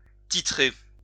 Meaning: 1. to title (to give an honorific title to someone) 2. to titrate
- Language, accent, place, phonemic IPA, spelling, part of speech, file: French, France, Lyon, /ti.tʁe/, titrer, verb, LL-Q150 (fra)-titrer.wav